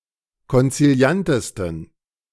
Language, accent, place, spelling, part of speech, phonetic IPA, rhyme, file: German, Germany, Berlin, konziliantesten, adjective, [kɔnt͡siˈli̯antəstn̩], -antəstn̩, De-konziliantesten.ogg
- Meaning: 1. superlative degree of konziliant 2. inflection of konziliant: strong genitive masculine/neuter singular superlative degree